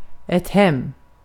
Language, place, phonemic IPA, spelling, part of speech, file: Swedish, Gotland, /hɛm/, hem, adverb / noun, Sv-hem.ogg
- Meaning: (adverb) 1. home (to one's home) 2. to someone's home (more generally); to someone's place / house / home, to [name of person]'s, etc